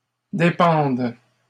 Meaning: third-person plural present indicative/subjunctive of dépendre
- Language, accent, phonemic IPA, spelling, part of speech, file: French, Canada, /de.pɑ̃d/, dépendent, verb, LL-Q150 (fra)-dépendent.wav